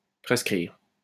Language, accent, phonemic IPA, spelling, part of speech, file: French, France, /pʁɛs.kʁiʁ/, prescrire, verb, LL-Q150 (fra)-prescrire.wav
- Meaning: 1. to prescribe (a medication) 2. (Reflexive) To lose by prescription, to lapse